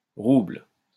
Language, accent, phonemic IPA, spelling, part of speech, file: French, France, /ʁubl/, rouble, noun, LL-Q150 (fra)-rouble.wav
- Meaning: ruble